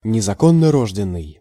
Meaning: illegitimate, out of wedlock (of children)
- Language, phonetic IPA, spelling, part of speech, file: Russian, [nʲɪzɐˌkonːɐˈroʐdʲɪn(ː)ɨj], незаконнорожденный, adjective, Ru-незаконнорожденный.ogg